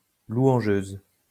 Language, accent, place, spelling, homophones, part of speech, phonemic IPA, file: French, France, Lyon, louangeuse, louangeuses, adjective, /lwɑ̃.ʒøz/, LL-Q150 (fra)-louangeuse.wav
- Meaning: feminine singular of louangeur